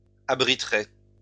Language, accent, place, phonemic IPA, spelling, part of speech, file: French, France, Lyon, /a.bʁi.tʁe/, abriterai, verb, LL-Q150 (fra)-abriterai.wav
- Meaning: first-person singular future of abriter